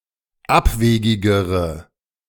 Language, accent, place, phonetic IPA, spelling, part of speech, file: German, Germany, Berlin, [ˈapˌveːɡɪɡəʁə], abwegigere, adjective, De-abwegigere.ogg
- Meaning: inflection of abwegig: 1. strong/mixed nominative/accusative feminine singular comparative degree 2. strong nominative/accusative plural comparative degree